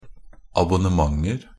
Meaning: indefinite plural of abonnement
- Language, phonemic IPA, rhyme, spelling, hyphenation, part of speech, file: Norwegian Bokmål, /abʊnəˈmaŋər/, -ər, abonnementer, ab‧on‧ne‧ment‧er, noun, NB - Pronunciation of Norwegian Bokmål «abonnementer».ogg